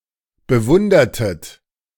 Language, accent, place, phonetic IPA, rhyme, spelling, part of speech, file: German, Germany, Berlin, [bəˈvʊndɐtət], -ʊndɐtət, bewundertet, verb, De-bewundertet.ogg
- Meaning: inflection of bewundern: 1. second-person plural preterite 2. second-person plural subjunctive II